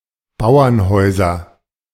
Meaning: nominative/accusative/genitive plural of Bauernhaus
- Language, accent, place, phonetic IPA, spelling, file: German, Germany, Berlin, [ˈbaʊ̯ɐnˌhɔɪ̯zɐ], Bauernhäuser, De-Bauernhäuser.ogg